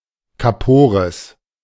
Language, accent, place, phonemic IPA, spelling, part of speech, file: German, Germany, Berlin, /kaˈpoːʁəs/, kapores, adjective, De-kapores.ogg
- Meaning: broken, damaged; defective